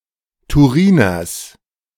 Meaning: genitive singular of Turiner
- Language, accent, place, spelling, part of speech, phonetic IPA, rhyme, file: German, Germany, Berlin, Turiners, noun, [tuˈʁiːnɐs], -iːnɐs, De-Turiners.ogg